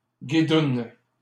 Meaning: plural of guidoune
- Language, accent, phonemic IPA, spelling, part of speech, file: French, Canada, /ɡi.dun/, guidounes, noun, LL-Q150 (fra)-guidounes.wav